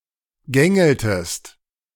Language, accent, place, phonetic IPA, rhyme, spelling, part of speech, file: German, Germany, Berlin, [ˈɡɛŋl̩təst], -ɛŋl̩təst, gängeltest, verb, De-gängeltest.ogg
- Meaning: inflection of gängeln: 1. second-person singular preterite 2. second-person singular subjunctive II